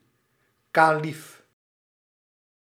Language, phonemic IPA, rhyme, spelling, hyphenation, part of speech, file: Dutch, /kaːˈlif/, -if, kalief, ka‧lief, noun, Nl-kalief.ogg
- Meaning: caliph